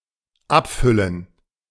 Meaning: 1. to fill up 2. to bottle, to bag (something into containers) 3. to get (someone) drunk
- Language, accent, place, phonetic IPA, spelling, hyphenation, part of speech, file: German, Germany, Berlin, [ˈapˌfʏlən], abfüllen, ab‧fül‧len, verb, De-abfüllen.ogg